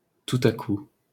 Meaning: all of a sudden, out of the blue
- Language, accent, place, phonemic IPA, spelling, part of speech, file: French, France, Paris, /tu.t‿a ku/, tout à coup, adverb, LL-Q150 (fra)-tout à coup.wav